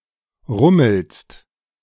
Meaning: second-person singular present of rummeln
- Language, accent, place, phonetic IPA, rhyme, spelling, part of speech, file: German, Germany, Berlin, [ˈʁʊml̩st], -ʊml̩st, rummelst, verb, De-rummelst.ogg